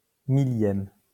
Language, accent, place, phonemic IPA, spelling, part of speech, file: French, France, Lyon, /mi.ljɛm/, 1000e, adjective / noun, LL-Q150 (fra)-1000e.wav
- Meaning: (adjective) abbreviation of millième (thousandth)